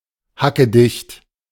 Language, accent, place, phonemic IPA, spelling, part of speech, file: German, Germany, Berlin, /hakəˈdɪçt/, hackedicht, adjective, De-hackedicht.ogg
- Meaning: very drunk, fucked (drunk), completely sloshed, legless